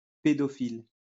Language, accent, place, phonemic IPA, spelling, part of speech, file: French, France, Lyon, /pe.dɔ.fil/, pédophile, adjective / noun, LL-Q150 (fra)-pédophile.wav
- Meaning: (adjective) pedophiliac; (noun) pedophile, paedophile